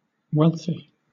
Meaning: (adjective) 1. Possessing financial wealth; rich 2. Abundant in quality or quantity; profuse; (noun) 1. Synonym of rich: the wealthy people of a society or of the world collectively 2. A rich person
- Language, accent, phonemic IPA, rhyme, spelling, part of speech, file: English, Southern England, /ˈwɛl.θi/, -ɛlθi, wealthy, adjective / noun, LL-Q1860 (eng)-wealthy.wav